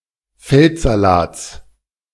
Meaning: genitive singular of Feldsalat
- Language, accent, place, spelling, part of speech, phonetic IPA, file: German, Germany, Berlin, Feldsalats, noun, [ˈfɛltzaˌlaːt͡s], De-Feldsalats.ogg